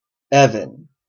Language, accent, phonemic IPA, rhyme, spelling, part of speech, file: English, Canada, /ˈɛ.vən/, -ɛvən, Evan, proper noun, En-ca-Evan.oga
- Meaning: 1. A male given name from Welsh Ifan, equivalent to English John 2. A female given name 3. A surname, variant of Evans 4. A city in Minnesota, United States; named for the first postmaster's wife, Eva